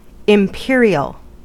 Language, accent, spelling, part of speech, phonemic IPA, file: English, US, imperial, adjective / noun, /ɪmˈpɪɹ.i.əl/, En-us-imperial.ogg
- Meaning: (adjective) 1. Related to an empire, emperor, or empress 2. Relating to the British imperial system of measurement 3. Very grand or fine 4. Of special, superior, or unusual size or excellence